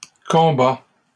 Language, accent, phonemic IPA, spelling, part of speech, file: French, Canada, /kɔ̃.ba/, combats, verb, LL-Q150 (fra)-combats.wav
- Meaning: inflection of combattre: 1. first/second-person singular present indicative 2. second-person singular imperative